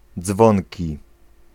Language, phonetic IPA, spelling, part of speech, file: Polish, [ˈd͡zvɔ̃ŋʲci], dzwonki, noun, Pl-dzwonki.ogg